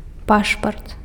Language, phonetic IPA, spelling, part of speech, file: Belarusian, [ˈpaʂpart], пашпарт, noun, Be-пашпарт.ogg
- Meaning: passport